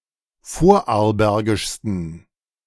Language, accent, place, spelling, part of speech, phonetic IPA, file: German, Germany, Berlin, vorarlbergischsten, adjective, [ˈfoːɐ̯ʔaʁlˌbɛʁɡɪʃstn̩], De-vorarlbergischsten.ogg
- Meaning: 1. superlative degree of vorarlbergisch 2. inflection of vorarlbergisch: strong genitive masculine/neuter singular superlative degree